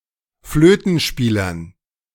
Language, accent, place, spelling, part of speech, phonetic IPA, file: German, Germany, Berlin, Flötenspielern, noun, [ˈfløːtn̩ˌʃpiːlɐn], De-Flötenspielern.ogg
- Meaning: dative plural of Flötenspieler